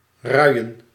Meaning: to moult, to shed (of animals; lose a covering of fur, feathers or skin etc.)
- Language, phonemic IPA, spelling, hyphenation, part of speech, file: Dutch, /ˈrœy̯.ə(n)/, ruien, rui‧en, verb, Nl-ruien.ogg